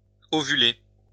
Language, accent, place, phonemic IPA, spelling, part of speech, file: French, France, Lyon, /ɔ.vy.le/, ovuler, verb, LL-Q150 (fra)-ovuler.wav
- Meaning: to ovulate